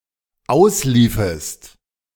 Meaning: second-person singular dependent subjunctive II of auslaufen
- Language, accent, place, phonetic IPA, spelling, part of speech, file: German, Germany, Berlin, [ˈaʊ̯sˌliːfəst], ausliefest, verb, De-ausliefest.ogg